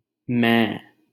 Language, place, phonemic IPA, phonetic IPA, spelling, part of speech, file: Hindi, Delhi, /mɛ̃ː/, [mɐ.ĩː], मैं, pronoun, LL-Q1568 (hin)-मैं.wav
- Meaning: I (the first person personal singular pronoun)